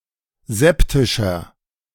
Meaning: 1. comparative degree of septisch 2. inflection of septisch: strong/mixed nominative masculine singular 3. inflection of septisch: strong genitive/dative feminine singular
- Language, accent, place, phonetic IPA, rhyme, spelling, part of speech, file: German, Germany, Berlin, [ˈzɛptɪʃɐ], -ɛptɪʃɐ, septischer, adjective, De-septischer.ogg